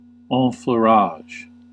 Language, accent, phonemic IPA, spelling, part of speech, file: English, US, /ˌɑ̃.fluˈɹɑʒ/, enfleurage, noun, En-us-enfleurage.ogg
- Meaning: The process of extracting fragrance (essential oils) from flowers by using unscented wax or fat, then extracting with alcohol